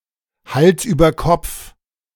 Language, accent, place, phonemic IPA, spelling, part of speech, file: German, Germany, Berlin, /ˈhals ˌyːbər ˈkɔpf/, Hals über Kopf, adverb, De-Hals über Kopf.ogg
- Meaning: head over heels